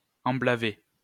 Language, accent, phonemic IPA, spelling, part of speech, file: French, France, /ɑ̃.bla.ve/, emblaver, verb, LL-Q150 (fra)-emblaver.wav
- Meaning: to sow wheat